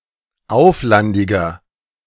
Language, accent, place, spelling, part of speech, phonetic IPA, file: German, Germany, Berlin, auflandiger, adjective, [ˈaʊ̯flandɪɡɐ], De-auflandiger.ogg
- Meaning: inflection of auflandig: 1. strong/mixed nominative masculine singular 2. strong genitive/dative feminine singular 3. strong genitive plural